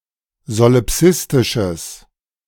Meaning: strong/mixed nominative/accusative neuter singular of solipsistisch
- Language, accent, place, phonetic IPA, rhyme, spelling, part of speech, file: German, Germany, Berlin, [zolɪˈpsɪstɪʃəs], -ɪstɪʃəs, solipsistisches, adjective, De-solipsistisches.ogg